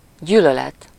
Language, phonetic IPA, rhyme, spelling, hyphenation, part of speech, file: Hungarian, [ˈɟyːlølɛt], -ɛt, gyűlölet, gyű‧lö‧let, noun, Hu-gyűlölet.ogg
- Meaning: hatred